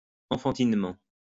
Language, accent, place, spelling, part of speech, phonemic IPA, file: French, France, Lyon, enfantinement, adverb, /ɑ̃.fɑ̃.tin.mɑ̃/, LL-Q150 (fra)-enfantinement.wav
- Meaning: childishly; infantilely